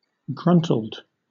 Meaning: 1. Grunted 2. Contented, pleased, satisfied
- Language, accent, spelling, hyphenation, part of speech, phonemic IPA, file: English, Southern England, gruntled, gruntl‧ed, adjective, /ˈɡɹʌntl̩d/, LL-Q1860 (eng)-gruntled.wav